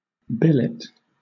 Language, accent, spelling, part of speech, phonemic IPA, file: English, Southern England, billet, noun / verb, /ˈbɪlɪt/, LL-Q1860 (eng)-billet.wav
- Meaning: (noun) 1. A short informal letter 2. A written order to quarter soldiers 3. A sealed ticket for a draw or lottery 4. A place where a soldier is assigned to lodge